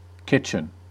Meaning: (noun) 1. A room or area for preparing food 2. Cuisine; style of cooking 3. The nape of a person's hairline, often referring to its uncombed or "nappy" look 4. The percussion section of an orchestra
- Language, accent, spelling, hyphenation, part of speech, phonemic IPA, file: English, General American, kitchen, kit‧chen, noun / verb, /ˈkɪt͡ʃ(ə)n/, En-us-kitchen.ogg